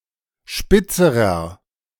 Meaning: inflection of spitz: 1. strong/mixed nominative masculine singular comparative degree 2. strong genitive/dative feminine singular comparative degree 3. strong genitive plural comparative degree
- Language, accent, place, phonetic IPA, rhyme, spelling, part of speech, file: German, Germany, Berlin, [ˈʃpɪt͡səʁɐ], -ɪt͡səʁɐ, spitzerer, adjective, De-spitzerer.ogg